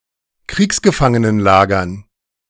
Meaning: dative plural of Kriegsgefangenenlager
- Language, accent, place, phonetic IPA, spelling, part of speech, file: German, Germany, Berlin, [ˈkʁiːksɡəfaŋənənˌlaːɡɐn], Kriegsgefangenenlagern, noun, De-Kriegsgefangenenlagern.ogg